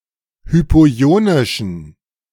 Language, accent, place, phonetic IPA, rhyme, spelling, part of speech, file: German, Germany, Berlin, [ˌhypoˈi̯oːnɪʃn̩], -oːnɪʃn̩, hypoionischen, adjective, De-hypoionischen.ogg
- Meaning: inflection of hypoionisch: 1. strong genitive masculine/neuter singular 2. weak/mixed genitive/dative all-gender singular 3. strong/weak/mixed accusative masculine singular 4. strong dative plural